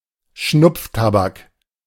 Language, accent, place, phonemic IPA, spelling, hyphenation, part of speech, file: German, Germany, Berlin, /ˈʃnʊpftabak/, Schnupftabak, Schnupf‧ta‧bak, noun, De-Schnupftabak.ogg
- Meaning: snuff (tobacco for sniffing)